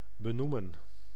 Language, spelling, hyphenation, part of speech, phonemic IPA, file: Dutch, benoemen, be‧noe‧men, verb, /bəˈnumə(n)/, Nl-benoemen.ogg
- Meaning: 1. to appoint, to nominate 2. to name, to call by someone's or something's name